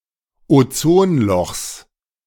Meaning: genitive singular of Ozonloch
- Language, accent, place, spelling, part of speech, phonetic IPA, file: German, Germany, Berlin, Ozonlochs, noun, [oˈt͡soːnˌlɔxs], De-Ozonlochs.ogg